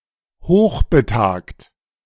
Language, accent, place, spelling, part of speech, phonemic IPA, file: German, Germany, Berlin, hochbetagt, adjective, /ˈhoːχbətaːkt/, De-hochbetagt.ogg
- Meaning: aged, elderly (very old)